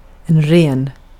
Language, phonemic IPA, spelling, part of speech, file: Swedish, /reːn/, ren, noun / adjective / pronoun, Sv-ren.ogg
- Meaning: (noun) 1. reindeer (Rangifer tarandus) 2. a strip of land around an edge (of a road or field or the like); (adjective) 1. clean (not dirty) 2. pure 3. pure: straight (without anything added)